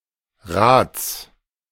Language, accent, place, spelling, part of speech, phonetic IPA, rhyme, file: German, Germany, Berlin, Rats, noun, [ʁaːt͡s], -aːt͡s, De-Rats.ogg
- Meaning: genitive singular of Rat